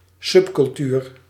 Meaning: subculture
- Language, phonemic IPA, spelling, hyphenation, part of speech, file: Dutch, /ˈsʏp.kʏlˌtyːr/, subcultuur, sub‧cul‧tuur, noun, Nl-subcultuur.ogg